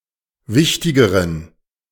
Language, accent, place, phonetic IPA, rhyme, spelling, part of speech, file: German, Germany, Berlin, [ˈvɪçtɪɡəʁən], -ɪçtɪɡəʁən, wichtigeren, adjective, De-wichtigeren.ogg
- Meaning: inflection of wichtig: 1. strong genitive masculine/neuter singular comparative degree 2. weak/mixed genitive/dative all-gender singular comparative degree